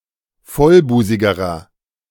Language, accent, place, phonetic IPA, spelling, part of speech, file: German, Germany, Berlin, [ˈfɔlˌbuːzɪɡəʁɐ], vollbusigerer, adjective, De-vollbusigerer.ogg
- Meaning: inflection of vollbusig: 1. strong/mixed nominative masculine singular comparative degree 2. strong genitive/dative feminine singular comparative degree 3. strong genitive plural comparative degree